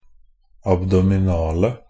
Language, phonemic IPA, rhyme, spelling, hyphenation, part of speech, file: Norwegian Bokmål, /abdɔmɪˈnɑːlə/, -ɑːlə, abdominale, ab‧do‧mi‧na‧le, adjective, NB - Pronunciation of Norwegian Bokmål «abdominale».ogg
- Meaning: 1. definite singular of abdominal 2. plural of abdominal